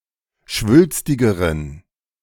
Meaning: inflection of schwülstig: 1. strong genitive masculine/neuter singular comparative degree 2. weak/mixed genitive/dative all-gender singular comparative degree
- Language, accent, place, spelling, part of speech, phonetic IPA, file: German, Germany, Berlin, schwülstigeren, adjective, [ˈʃvʏlstɪɡəʁən], De-schwülstigeren.ogg